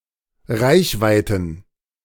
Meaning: plural of Reichweite
- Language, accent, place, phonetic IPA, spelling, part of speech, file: German, Germany, Berlin, [ˈʁaɪ̯çˌvaɪ̯tn̩], Reichweiten, noun, De-Reichweiten.ogg